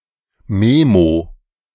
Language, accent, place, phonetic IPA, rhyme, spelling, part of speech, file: German, Germany, Berlin, [ˈmeːmo], -eːmo, Memo, noun, De-Memo.ogg
- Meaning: memo